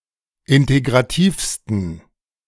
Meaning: 1. superlative degree of integrativ 2. inflection of integrativ: strong genitive masculine/neuter singular superlative degree
- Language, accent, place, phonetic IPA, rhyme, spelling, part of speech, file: German, Germany, Berlin, [ˌɪnteɡʁaˈtiːfstn̩], -iːfstn̩, integrativsten, adjective, De-integrativsten.ogg